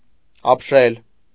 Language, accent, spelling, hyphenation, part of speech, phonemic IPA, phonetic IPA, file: Armenian, Eastern Armenian, ապշել, ապ‧շել, verb, /ɑpˈʃel/, [ɑpʃél], Hy-ապշել.ogg
- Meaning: to be struck with astonishment, to be petrified